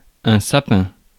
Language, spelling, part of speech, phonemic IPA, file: French, sapin, noun, /sa.pɛ̃/, Fr-sapin.ogg
- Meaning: fir, fir tree